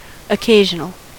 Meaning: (adjective) 1. Occurring or appearing irregularly from time to time, but not often; incidental 2. Created for a specific occasion 3. Intended for use as the occasion requires
- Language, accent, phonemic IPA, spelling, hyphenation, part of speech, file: English, US, /əˈkeɪʒ(ə)nəl/, occasional, oc‧ca‧sion‧al, adjective / noun, En-us-occasional.ogg